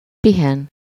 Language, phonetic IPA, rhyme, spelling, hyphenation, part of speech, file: Hungarian, [ˈpiɦɛn], -ɛn, pihen, pi‧hen, verb, Hu-pihen.ogg
- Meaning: to rest